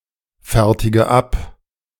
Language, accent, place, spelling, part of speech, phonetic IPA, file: German, Germany, Berlin, fertige ab, verb, [ˌfɛʁtɪɡə ˈap], De-fertige ab.ogg
- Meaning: inflection of abfertigen: 1. first-person singular present 2. first/third-person singular subjunctive I 3. singular imperative